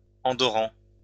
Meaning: plural of Andorran
- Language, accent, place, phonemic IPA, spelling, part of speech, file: French, France, Lyon, /ɑ̃.dɔ.ʁɑ̃/, Andorrans, noun, LL-Q150 (fra)-Andorrans.wav